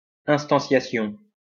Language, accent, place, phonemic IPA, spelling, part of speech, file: French, France, Lyon, /ɛ̃s.tɑ̃.sja.sjɔ̃/, instanciation, noun, LL-Q150 (fra)-instanciation.wav
- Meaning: instantiation